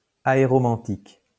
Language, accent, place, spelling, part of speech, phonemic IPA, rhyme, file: French, France, Lyon, aéromantique, adjective, /a.e.ʁɔ.mɑ̃.tik/, -ɑ̃tik, LL-Q150 (fra)-aéromantique.wav
- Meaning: aeromantic